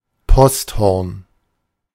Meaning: post horn
- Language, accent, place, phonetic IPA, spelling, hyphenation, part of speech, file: German, Germany, Berlin, [ˈpɔstˌhɔʁn], Posthorn, Post‧horn, noun, De-Posthorn.ogg